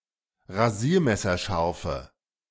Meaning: inflection of rasiermesserscharf: 1. strong/mixed nominative/accusative feminine singular 2. strong nominative/accusative plural 3. weak nominative all-gender singular
- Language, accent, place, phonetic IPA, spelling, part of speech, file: German, Germany, Berlin, [ʁaˈziːɐ̯mɛsɐˌʃaʁfə], rasiermesserscharfe, adjective, De-rasiermesserscharfe.ogg